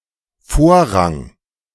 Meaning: 1. precedence 2. priority 3. right of way, priority 4. preference
- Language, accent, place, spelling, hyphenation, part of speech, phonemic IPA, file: German, Germany, Berlin, Vorrang, Vor‧rang, noun, /ˈfoːɐ̯ˌʁaŋ/, De-Vorrang.ogg